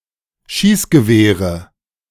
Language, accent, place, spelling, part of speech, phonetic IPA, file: German, Germany, Berlin, Schießgewehre, noun, [ˈʃiːsɡəˌveːʁə], De-Schießgewehre.ogg
- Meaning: nominative/accusative/genitive plural of Schießgewehr